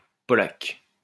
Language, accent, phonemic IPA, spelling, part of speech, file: French, France, /pɔ.lak/, polaque, noun, LL-Q150 (fra)-polaque.wav
- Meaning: alternative spelling of polak (Polack, person of Polish descent)